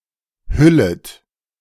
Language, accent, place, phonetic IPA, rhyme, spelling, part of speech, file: German, Germany, Berlin, [ˈhʏlət], -ʏlət, hüllet, verb, De-hüllet.ogg
- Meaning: second-person plural subjunctive I of hüllen